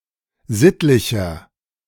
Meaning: 1. comparative degree of sittlich 2. inflection of sittlich: strong/mixed nominative masculine singular 3. inflection of sittlich: strong genitive/dative feminine singular
- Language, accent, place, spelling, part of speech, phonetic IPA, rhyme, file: German, Germany, Berlin, sittlicher, adjective, [ˈzɪtlɪçɐ], -ɪtlɪçɐ, De-sittlicher.ogg